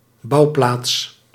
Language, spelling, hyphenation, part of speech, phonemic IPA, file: Dutch, bouwplaats, bouw‧plaats, noun, /ˈbɑu̯.plaːts/, Nl-bouwplaats.ogg
- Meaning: a building site